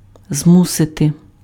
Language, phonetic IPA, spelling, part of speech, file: Ukrainian, [ˈzmusete], змусити, verb, Uk-змусити.ogg
- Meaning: to force, to coerce, to compel